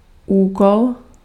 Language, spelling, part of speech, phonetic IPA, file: Czech, úkol, noun, [ˈuːkol], Cs-úkol.ogg
- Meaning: task